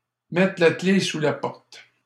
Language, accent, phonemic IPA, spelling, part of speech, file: French, Canada, /mɛ.tʁə la kle su la pɔʁt/, mettre la clef sous la porte, verb, LL-Q150 (fra)-mettre la clef sous la porte.wav
- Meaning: alternative spelling of mettre la clé sous la porte